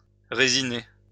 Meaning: to resinate
- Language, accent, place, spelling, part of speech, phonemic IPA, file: French, France, Lyon, résiner, verb, /ʁe.zi.ne/, LL-Q150 (fra)-résiner.wav